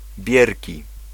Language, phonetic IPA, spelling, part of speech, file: Polish, [ˈbʲjɛrʲci], bierki, noun, Pl-bierki.ogg